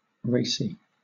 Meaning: 1. Mildly risqué 2. Having a strong flavor indicating origin; of distinct characteristic taste; tasting of the soil
- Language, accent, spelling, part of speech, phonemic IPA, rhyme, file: English, Southern England, racy, adjective, /ˈɹeɪsi/, -eɪsi, LL-Q1860 (eng)-racy.wav